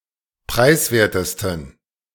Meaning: 1. superlative degree of preiswert 2. inflection of preiswert: strong genitive masculine/neuter singular superlative degree
- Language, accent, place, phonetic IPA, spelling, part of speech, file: German, Germany, Berlin, [ˈpʁaɪ̯sˌveːɐ̯təstn̩], preiswertesten, adjective, De-preiswertesten.ogg